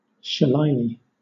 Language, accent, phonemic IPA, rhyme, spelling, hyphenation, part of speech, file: English, Southern England, /ʃəˈleɪli/, -eɪli, shillelagh, shil‧le‧lagh, noun, LL-Q1860 (eng)-shillelagh.wav
- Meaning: 1. A wooden (traditionally blackthorn (sloe) wood) club ending with a large knob 2. Any cudgel, whether or not of Irish origin